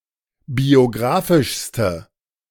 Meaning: inflection of biographisch: 1. strong/mixed nominative/accusative feminine singular superlative degree 2. strong nominative/accusative plural superlative degree
- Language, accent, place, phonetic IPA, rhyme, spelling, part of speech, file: German, Germany, Berlin, [bioˈɡʁaːfɪʃstə], -aːfɪʃstə, biographischste, adjective, De-biographischste.ogg